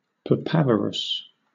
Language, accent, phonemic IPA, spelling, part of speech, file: English, Southern England, /pəˈpævəɹəs/, papaverous, adjective, LL-Q1860 (eng)-papaverous.wav
- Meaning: 1. Of, pertaining to, or characteristic of the poppy 2. Inducing sleep; soporific